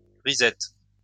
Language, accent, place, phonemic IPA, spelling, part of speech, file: French, France, Lyon, /ʁi.zɛt/, risette, noun, LL-Q150 (fra)-risette.wav
- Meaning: smile (especially of a child)